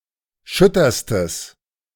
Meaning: strong/mixed nominative/accusative neuter singular superlative degree of schütter
- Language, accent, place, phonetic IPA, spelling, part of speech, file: German, Germany, Berlin, [ˈʃʏtɐstəs], schütterstes, adjective, De-schütterstes.ogg